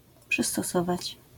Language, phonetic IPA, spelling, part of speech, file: Polish, [ˌpʃɨstɔˈsɔvat͡ɕ], przystosować, verb, LL-Q809 (pol)-przystosować.wav